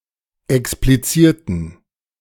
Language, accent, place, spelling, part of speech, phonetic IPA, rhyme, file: German, Germany, Berlin, explizierten, adjective / verb, [ɛkspliˈt͡siːɐ̯tn̩], -iːɐ̯tn̩, De-explizierten.ogg
- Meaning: inflection of explizieren: 1. first/third-person plural preterite 2. first/third-person plural subjunctive II